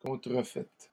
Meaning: feminine singular of contrefait
- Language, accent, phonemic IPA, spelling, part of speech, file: French, Canada, /kɔ̃.tʁə.fɛt/, contrefaite, verb, LL-Q150 (fra)-contrefaite.wav